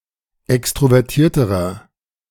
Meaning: inflection of extrovertiert: 1. strong/mixed nominative masculine singular comparative degree 2. strong genitive/dative feminine singular comparative degree
- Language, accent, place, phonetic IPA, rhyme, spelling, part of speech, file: German, Germany, Berlin, [ˌɛkstʁovɛʁˈtiːɐ̯təʁɐ], -iːɐ̯təʁɐ, extrovertierterer, adjective, De-extrovertierterer.ogg